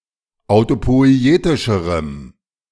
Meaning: strong dative masculine/neuter singular comparative degree of autopoietisch
- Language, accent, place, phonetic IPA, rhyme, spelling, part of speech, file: German, Germany, Berlin, [aʊ̯topɔɪ̯ˈeːtɪʃəʁəm], -eːtɪʃəʁəm, autopoietischerem, adjective, De-autopoietischerem.ogg